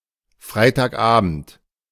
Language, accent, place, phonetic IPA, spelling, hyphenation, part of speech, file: German, Germany, Berlin, [ˌfʀaɪ̯taːkˈʔaːbn̩t], Freitagabend, Frei‧tag‧abend, noun, De-Freitagabend.ogg
- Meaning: Friday evening